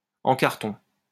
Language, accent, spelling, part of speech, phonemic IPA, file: French, France, en carton, adjective, /ɑ̃ kaʁ.tɔ̃/, LL-Q150 (fra)-en carton.wav
- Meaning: 1. of poor quality 2. lacking sustenance; pathetic; bogus